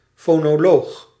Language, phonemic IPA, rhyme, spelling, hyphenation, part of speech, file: Dutch, /ˌfoː.noːˈloːx/, -oːx, fonoloog, fo‧no‧loog, noun, Nl-fonoloog.ogg
- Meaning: phonologist